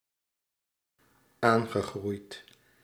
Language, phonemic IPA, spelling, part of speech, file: Dutch, /ˈaŋɣəˌɣrujt/, aangegroeid, verb, Nl-aangegroeid.ogg
- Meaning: past participle of aangroeien